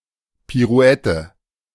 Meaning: pirouette
- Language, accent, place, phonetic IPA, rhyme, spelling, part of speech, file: German, Germany, Berlin, [piˈʁu̯ɛtə], -ɛtə, Pirouette, noun, De-Pirouette.ogg